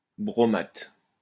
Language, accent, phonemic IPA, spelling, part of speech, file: French, France, /bʁɔ.mat/, bromate, noun, LL-Q150 (fra)-bromate.wav
- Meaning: bromate